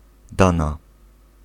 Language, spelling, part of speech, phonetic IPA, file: Polish, dana, noun / adjective / interjection / verb, [ˈdãna], Pl-dana.ogg